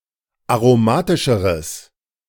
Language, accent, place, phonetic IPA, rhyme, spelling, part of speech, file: German, Germany, Berlin, [aʁoˈmaːtɪʃəʁəs], -aːtɪʃəʁəs, aromatischeres, adjective, De-aromatischeres.ogg
- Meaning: strong/mixed nominative/accusative neuter singular comparative degree of aromatisch